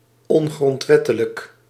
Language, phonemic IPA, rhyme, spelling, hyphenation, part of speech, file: Dutch, /ˌɔn.ɣrɔntˈʋɛ.tə.lək/, -ɛtələk, ongrondwettelijk, on‧grond‧wet‧te‧lijk, adjective, Nl-ongrondwettelijk.ogg
- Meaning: unconstitutional